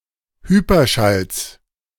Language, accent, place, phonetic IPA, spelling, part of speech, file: German, Germany, Berlin, [ˈhyːpɐˌʃals], Hyperschalls, noun, De-Hyperschalls.ogg
- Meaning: genitive singular of Hyperschall